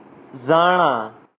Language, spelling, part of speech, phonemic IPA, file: Pashto, زاڼه, noun, /ˈzɑɳa/, زاڼه.ogg
- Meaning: crane